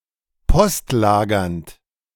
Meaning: poste restante
- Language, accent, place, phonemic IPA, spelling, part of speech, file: German, Germany, Berlin, /ˈpɔstˌlaːɡɐnt/, postlagernd, adjective, De-postlagernd.ogg